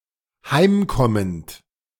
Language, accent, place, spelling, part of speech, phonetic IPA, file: German, Germany, Berlin, heimkommend, verb, [ˈhaɪ̯mˌkɔmənt], De-heimkommend.ogg
- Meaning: present participle of heimkommen